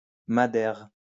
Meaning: Madeira (wine)
- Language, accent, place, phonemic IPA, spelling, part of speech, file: French, France, Lyon, /ma.dɛʁ/, madère, noun, LL-Q150 (fra)-madère.wav